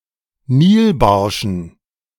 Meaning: dative plural of Nilbarsch
- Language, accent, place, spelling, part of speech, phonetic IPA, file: German, Germany, Berlin, Nilbarschen, noun, [ˈniːlˌbaʁʃn̩], De-Nilbarschen.ogg